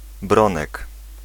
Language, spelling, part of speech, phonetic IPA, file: Polish, Bronek, proper noun / noun, [ˈbrɔ̃nɛk], Pl-Bronek.ogg